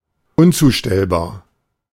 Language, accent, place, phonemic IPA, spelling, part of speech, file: German, Germany, Berlin, /ˈʊnˌt͡suːʃtɛlbaːɐ̯/, unzustellbar, adjective, De-unzustellbar.ogg
- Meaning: undeliverable, dead (of mail)